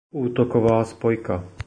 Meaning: 1. fly-half 2. position of fly-half
- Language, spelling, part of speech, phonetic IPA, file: Czech, útoková spojka, phrase, [uːtokovaː spojka], Cs-útoková spojka.oga